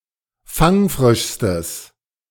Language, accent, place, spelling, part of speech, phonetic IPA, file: German, Germany, Berlin, fangfrischstes, adjective, [ˈfaŋˌfʁɪʃstəs], De-fangfrischstes.ogg
- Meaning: strong/mixed nominative/accusative neuter singular superlative degree of fangfrisch